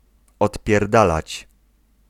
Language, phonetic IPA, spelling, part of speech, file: Polish, [ˌɔtpʲjɛrˈdalat͡ɕ], odpierdalać, verb, Pl-odpierdalać.ogg